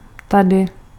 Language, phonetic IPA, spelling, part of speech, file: Czech, [ˈtadɪ], tady, adverb, Cs-tady.ogg
- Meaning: here